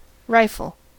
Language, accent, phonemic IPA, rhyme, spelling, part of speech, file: English, US, /ˈɹaɪfəl/, -aɪfəl, rifle, noun / verb, En-us-rifle.ogg
- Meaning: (noun) 1. A firearm fired from the shoulder; improved range and accuracy is provided by a long, rifled barrel 2. A rifleman 3. An artillery piece with a rifled barrel